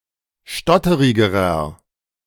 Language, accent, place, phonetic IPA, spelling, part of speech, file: German, Germany, Berlin, [ˈʃtɔtəʁɪɡəʁɐ], stotterigerer, adjective, De-stotterigerer.ogg
- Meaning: inflection of stotterig: 1. strong/mixed nominative masculine singular comparative degree 2. strong genitive/dative feminine singular comparative degree 3. strong genitive plural comparative degree